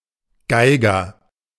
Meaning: fiddler, violinist
- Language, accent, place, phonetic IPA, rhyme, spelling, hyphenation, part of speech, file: German, Germany, Berlin, [ˈɡaɪ̯ɡɐ], -aɪ̯ɡɐ, Geiger, Gei‧ger, noun, De-Geiger.ogg